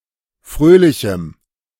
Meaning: strong dative masculine/neuter singular of fröhlich
- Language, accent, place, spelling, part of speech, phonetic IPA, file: German, Germany, Berlin, fröhlichem, adjective, [ˈfʁøːlɪçm̩], De-fröhlichem.ogg